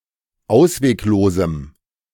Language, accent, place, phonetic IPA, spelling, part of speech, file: German, Germany, Berlin, [ˈaʊ̯sveːkˌloːzm̩], ausweglosem, adjective, De-ausweglosem.ogg
- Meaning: strong dative masculine/neuter singular of ausweglos